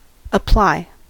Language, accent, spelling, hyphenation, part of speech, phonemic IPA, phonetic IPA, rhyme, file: English, US, apply, ap‧ply, verb, /əˈplaɪ/, [əˈplaɪ], -aɪ, En-us-apply.ogg
- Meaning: 1. To lay or place; to put (one thing to another) 2. To put to use; to use or employ for a particular purpose, or in a particular case